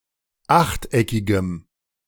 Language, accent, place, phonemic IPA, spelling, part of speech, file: German, Germany, Berlin, /ˈaxtˌʔɛkɪɡəm/, achteckigem, adjective, De-achteckigem.ogg
- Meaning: strong dative masculine/neuter singular of achteckig